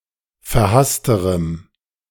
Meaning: strong dative masculine/neuter singular comparative degree of verhasst
- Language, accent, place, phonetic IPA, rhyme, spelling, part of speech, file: German, Germany, Berlin, [fɛɐ̯ˈhastəʁəm], -astəʁəm, verhassterem, adjective, De-verhassterem.ogg